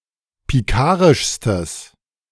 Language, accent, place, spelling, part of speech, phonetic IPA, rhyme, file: German, Germany, Berlin, pikarischstes, adjective, [piˈkaːʁɪʃstəs], -aːʁɪʃstəs, De-pikarischstes.ogg
- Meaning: strong/mixed nominative/accusative neuter singular superlative degree of pikarisch